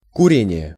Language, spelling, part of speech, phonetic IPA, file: Russian, курение, noun, [kʊˈrʲenʲɪje], Ru-курение.ogg
- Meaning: 1. smoking (verbal noun, the smoking of tobacco) 2. incense